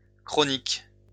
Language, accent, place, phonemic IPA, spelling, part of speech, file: French, France, Lyon, /kʁɔ.nik/, chroniques, adjective, LL-Q150 (fra)-chroniques.wav
- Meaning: plural of chronique